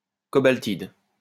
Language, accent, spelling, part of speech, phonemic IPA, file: French, France, cobaltide, noun, /kɔ.bal.tid/, LL-Q150 (fra)-cobaltide.wav
- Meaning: asbolane